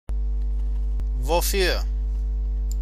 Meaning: for what, wherefore, why
- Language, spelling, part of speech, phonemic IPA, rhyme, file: German, wofür, adverb, /voˈfyːɐ̯/, -yːɐ̯, De-wofür.ogg